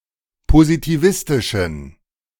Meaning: inflection of positivistisch: 1. strong genitive masculine/neuter singular 2. weak/mixed genitive/dative all-gender singular 3. strong/weak/mixed accusative masculine singular 4. strong dative plural
- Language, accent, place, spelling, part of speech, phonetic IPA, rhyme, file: German, Germany, Berlin, positivistischen, adjective, [pozitiˈvɪstɪʃn̩], -ɪstɪʃn̩, De-positivistischen.ogg